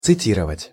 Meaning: to quote, to cite
- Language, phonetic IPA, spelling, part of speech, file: Russian, [t͡sɨˈtʲirəvətʲ], цитировать, verb, Ru-цитировать.ogg